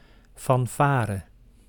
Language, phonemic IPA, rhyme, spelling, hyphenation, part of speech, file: Dutch, /ˌfɑnˈfaːrə/, -aːrə, fanfare, fan‧fa‧re, noun, Nl-fanfare.ogg
- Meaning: 1. a band consisting of brass, saxophone and percussion players 2. a fanfare (flourish) 3. hubbub, excitement, commotion 4. the act of boasting, bloviation